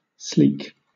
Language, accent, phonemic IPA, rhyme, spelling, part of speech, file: English, Southern England, /sliːk/, -iːk, sleek, adjective / adverb / verb / noun, LL-Q1860 (eng)-sleek.wav
- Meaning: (adjective) 1. Having an even, smooth surface; smooth 2. Glossy 3. Not rough or harsh 4. Slim and streamlined; not plump, thick, or stocky 5. Healthy, well-fed and well-groomed; in good condition